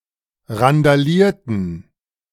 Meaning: inflection of randalieren: 1. first/third-person plural preterite 2. first/third-person plural subjunctive II
- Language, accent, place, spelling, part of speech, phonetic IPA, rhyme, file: German, Germany, Berlin, randalierten, verb, [ʁandaˈliːɐ̯tn̩], -iːɐ̯tn̩, De-randalierten.ogg